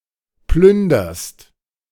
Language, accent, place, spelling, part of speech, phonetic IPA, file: German, Germany, Berlin, plünderst, verb, [ˈplʏndɐst], De-plünderst.ogg
- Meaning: second-person singular present of plündern